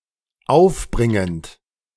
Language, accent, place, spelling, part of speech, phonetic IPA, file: German, Germany, Berlin, aufbringend, verb, [ˈaʊ̯fˌbʁɪŋənt], De-aufbringend.ogg
- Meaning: present participle of aufbringen